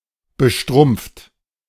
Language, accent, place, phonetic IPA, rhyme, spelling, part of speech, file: German, Germany, Berlin, [bəˈʃtʁʊmp͡ft], -ʊmp͡ft, bestrumpft, adjective, De-bestrumpft.ogg
- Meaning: stockinged (wearing stockings)